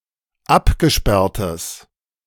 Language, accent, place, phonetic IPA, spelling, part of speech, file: German, Germany, Berlin, [ˈapɡəˌʃpɛʁtəs], abgesperrtes, adjective, De-abgesperrtes.ogg
- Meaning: strong/mixed nominative/accusative neuter singular of abgesperrt